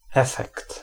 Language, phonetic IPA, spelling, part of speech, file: Polish, [ˈɛfɛkt], efekt, noun, Pl-efekt.ogg